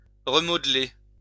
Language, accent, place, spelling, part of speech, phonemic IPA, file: French, France, Lyon, remodeler, verb, /ʁə.mɔd.le/, LL-Q150 (fra)-remodeler.wav
- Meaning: to remodel